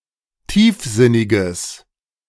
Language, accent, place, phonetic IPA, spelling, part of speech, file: German, Germany, Berlin, [ˈtiːfˌzɪnɪɡəs], tiefsinniges, adjective, De-tiefsinniges.ogg
- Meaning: strong/mixed nominative/accusative neuter singular of tiefsinnig